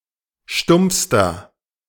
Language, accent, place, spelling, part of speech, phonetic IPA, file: German, Germany, Berlin, stumpfster, adjective, [ˈʃtʊmp͡fstɐ], De-stumpfster.ogg
- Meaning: inflection of stumpf: 1. strong/mixed nominative masculine singular superlative degree 2. strong genitive/dative feminine singular superlative degree 3. strong genitive plural superlative degree